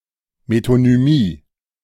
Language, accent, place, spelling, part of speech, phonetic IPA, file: German, Germany, Berlin, Metonymie, noun, [metonyˈmiː], De-Metonymie.ogg
- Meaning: metonymy